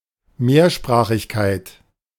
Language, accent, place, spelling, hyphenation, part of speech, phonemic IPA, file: German, Germany, Berlin, Mehrsprachigkeit, Mehr‧spra‧chig‧keit, noun, /ˈmeːɐ̯ˌʃpʁaːχɪçkaɪ̯t/, De-Mehrsprachigkeit.ogg
- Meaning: multilingualism